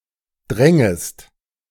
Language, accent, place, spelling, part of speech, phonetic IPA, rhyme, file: German, Germany, Berlin, drängest, verb, [ˈdʁɛŋəst], -ɛŋəst, De-drängest.ogg
- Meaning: second-person singular subjunctive II of dringen